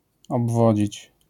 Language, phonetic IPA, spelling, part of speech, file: Polish, [ɔbˈvɔd͡ʑit͡ɕ], obwodzić, verb, LL-Q809 (pol)-obwodzić.wav